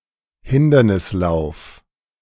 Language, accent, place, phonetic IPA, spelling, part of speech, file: German, Germany, Berlin, [ˈhɪndɐnɪsˌlaʊ̯f], Hindernislauf, noun, De-Hindernislauf.ogg
- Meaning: steeplechase